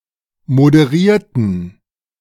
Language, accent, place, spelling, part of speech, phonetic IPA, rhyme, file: German, Germany, Berlin, moderierten, adjective / verb, [modəˈʁiːɐ̯tn̩], -iːɐ̯tn̩, De-moderierten.ogg
- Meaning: inflection of moderieren: 1. first/third-person plural preterite 2. first/third-person plural subjunctive II